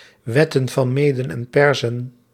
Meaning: plural of wet van Meden en Perzen
- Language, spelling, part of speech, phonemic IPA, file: Dutch, wetten van Meden en Perzen, noun, /ˌwɛtə(n)fɑnˈmedə(n)ɛmˌpɛrsə(n)/, Nl-wetten van Meden en Perzen.ogg